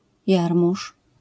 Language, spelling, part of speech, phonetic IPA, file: Polish, jarmuż, noun, [ˈjarmuʃ], LL-Q809 (pol)-jarmuż.wav